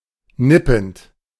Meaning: present participle of nippen
- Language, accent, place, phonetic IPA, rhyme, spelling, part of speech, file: German, Germany, Berlin, [ˈnɪpn̩t], -ɪpn̩t, nippend, verb, De-nippend.ogg